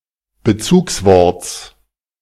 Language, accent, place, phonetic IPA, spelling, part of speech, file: German, Germany, Berlin, [bəˈt͡suːksˌvɔʁt͡s], Bezugsworts, noun, De-Bezugsworts.ogg
- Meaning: genitive singular of Bezugswort